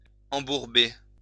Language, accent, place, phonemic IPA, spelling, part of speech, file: French, France, Lyon, /ɑ̃.buʁ.be/, embourber, verb, LL-Q150 (fra)-embourber.wav
- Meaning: 1. to get stuck in the mud 2. to get bogged down